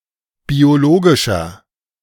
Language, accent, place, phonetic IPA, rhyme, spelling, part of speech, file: German, Germany, Berlin, [bioˈloːɡɪʃɐ], -oːɡɪʃɐ, biologischer, adjective, De-biologischer.ogg
- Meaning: inflection of biologisch: 1. strong/mixed nominative masculine singular 2. strong genitive/dative feminine singular 3. strong genitive plural